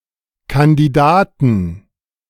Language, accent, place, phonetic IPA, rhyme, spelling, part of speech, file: German, Germany, Berlin, [kandiˈdaːtn̩], -aːtn̩, Kandidaten, noun, De-Kandidaten.ogg
- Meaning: 1. genitive singular of Kandidat 2. plural of Kandidat